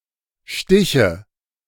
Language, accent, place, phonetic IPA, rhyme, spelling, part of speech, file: German, Germany, Berlin, [ˈʃtɪçə], -ɪçə, Stiche, noun, De-Stiche.ogg
- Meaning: nominative/accusative/genitive plural of Stich